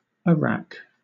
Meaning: Wrecked; in ruins
- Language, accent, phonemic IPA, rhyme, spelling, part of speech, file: English, Southern England, /əˈɹæk/, -æk, awrack, adverb, LL-Q1860 (eng)-awrack.wav